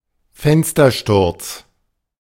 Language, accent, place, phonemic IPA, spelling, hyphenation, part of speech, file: German, Germany, Berlin, /ˈfɛnstərˌʃtʊrts/, Fenstersturz, Fen‧s‧ter‧sturz, noun, De-Fenstersturz.ogg
- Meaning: 1. a fall from a window 2. defenestration 3. window lintel